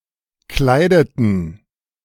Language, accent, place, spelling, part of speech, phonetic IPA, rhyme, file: German, Germany, Berlin, kleideten, verb, [ˈklaɪ̯dətn̩], -aɪ̯dətn̩, De-kleideten.ogg
- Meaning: inflection of kleiden: 1. first/third-person plural preterite 2. first/third-person plural subjunctive II